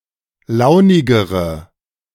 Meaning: inflection of launig: 1. strong/mixed nominative/accusative feminine singular comparative degree 2. strong nominative/accusative plural comparative degree
- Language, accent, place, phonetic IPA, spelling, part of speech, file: German, Germany, Berlin, [ˈlaʊ̯nɪɡəʁə], launigere, adjective, De-launigere.ogg